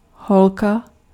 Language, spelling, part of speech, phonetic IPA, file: Czech, holka, noun, [ˈɦolka], Cs-holka.ogg
- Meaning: 1. girl 2. girlfriend